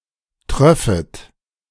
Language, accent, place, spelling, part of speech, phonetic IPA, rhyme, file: German, Germany, Berlin, tröffet, verb, [ˈtʁœfət], -œfət, De-tröffet.ogg
- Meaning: second-person plural subjunctive II of triefen